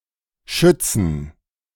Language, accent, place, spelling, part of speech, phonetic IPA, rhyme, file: German, Germany, Berlin, schützten, verb, [ˈʃʏt͡stn̩], -ʏt͡stn̩, De-schützten.ogg
- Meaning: inflection of schützen: 1. first/third-person plural preterite 2. first/third-person plural subjunctive II